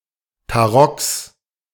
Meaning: plural of Tarock
- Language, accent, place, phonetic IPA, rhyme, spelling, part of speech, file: German, Germany, Berlin, [taˈʁɔks], -ɔks, Tarocks, noun, De-Tarocks.ogg